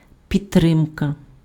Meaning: support
- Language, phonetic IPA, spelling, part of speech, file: Ukrainian, [pʲidˈtrɪmkɐ], підтримка, noun, Uk-підтримка.ogg